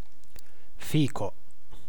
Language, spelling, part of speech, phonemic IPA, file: Italian, fico, adjective / noun, /ˈfiko/, It-fico.ogg